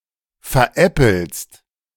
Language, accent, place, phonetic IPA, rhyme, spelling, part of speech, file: German, Germany, Berlin, [fɛɐ̯ˈʔɛpl̩st], -ɛpl̩st, veräppelst, verb, De-veräppelst.ogg
- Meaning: second-person singular present of veräppeln